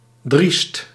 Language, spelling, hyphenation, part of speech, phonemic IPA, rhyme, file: Dutch, driest, driest, adjective, /drist/, -ist, Nl-driest.ogg
- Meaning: bold, reckless